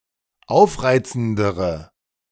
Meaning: inflection of aufreizend: 1. strong/mixed nominative/accusative feminine singular comparative degree 2. strong nominative/accusative plural comparative degree
- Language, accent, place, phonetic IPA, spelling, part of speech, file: German, Germany, Berlin, [ˈaʊ̯fˌʁaɪ̯t͡sn̩dəʁə], aufreizendere, adjective, De-aufreizendere.ogg